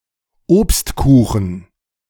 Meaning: fruit pie (pie with fruit filling)
- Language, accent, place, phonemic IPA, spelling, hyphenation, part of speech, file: German, Germany, Berlin, /ˈoːpstkuːχn̩/, Obstkuchen, Obst‧ku‧chen, noun, De-Obstkuchen.ogg